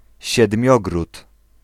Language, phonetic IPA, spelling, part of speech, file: Polish, [ɕɛdˈmʲjɔɡrut], Siedmiogród, proper noun, Pl-Siedmiogród.ogg